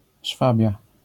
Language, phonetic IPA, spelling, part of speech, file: Polish, [ˈʃfabʲja], Szwabia, proper noun, LL-Q809 (pol)-Szwabia.wav